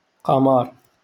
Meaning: moon
- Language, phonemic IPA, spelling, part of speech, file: Moroccan Arabic, /qa.mar/, قمر, noun, LL-Q56426 (ary)-قمر.wav